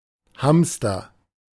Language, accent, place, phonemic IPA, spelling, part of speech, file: German, Germany, Berlin, /ˈhamstɐ/, Hamster, noun, De-Hamster.ogg
- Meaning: hamster